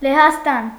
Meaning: Poland (a country in Central Europe)
- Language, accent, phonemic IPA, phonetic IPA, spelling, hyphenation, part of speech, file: Armenian, Eastern Armenian, /lehɑsˈtɑn/, [lehɑstɑ́n], Լեհաստան, Լե‧հաս‧տան, proper noun, Hy-Լեհաստան.ogg